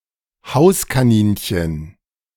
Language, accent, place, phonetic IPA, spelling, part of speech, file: German, Germany, Berlin, [ˈhaʊ̯s.kaˌniːnçən], Hauskaninchen, noun, De-Hauskaninchen.ogg
- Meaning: domestic rabbit, pet rabbit, tame rabbit